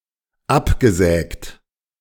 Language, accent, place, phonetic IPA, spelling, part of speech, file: German, Germany, Berlin, [ˈapɡəˌzɛːkt], abgesägt, adjective / verb, De-abgesägt.ogg
- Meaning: past participle of absägen